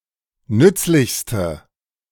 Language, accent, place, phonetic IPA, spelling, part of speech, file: German, Germany, Berlin, [ˈnʏt͡slɪçstə], nützlichste, adjective, De-nützlichste.ogg
- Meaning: inflection of nützlich: 1. strong/mixed nominative/accusative feminine singular superlative degree 2. strong nominative/accusative plural superlative degree